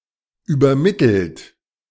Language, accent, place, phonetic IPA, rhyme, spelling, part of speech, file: German, Germany, Berlin, [yːbɐˈmɪtl̩t], -ɪtl̩t, übermittelt, verb, De-übermittelt.ogg
- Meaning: 1. past participle of übermitteln 2. inflection of übermitteln: third-person singular present 3. inflection of übermitteln: second-person plural present 4. inflection of übermitteln: plural imperative